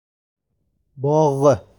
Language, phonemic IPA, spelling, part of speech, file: Uzbek, /bɒʁ/, bogʻ, noun, Uz-bogʻ.ogg
- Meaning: garden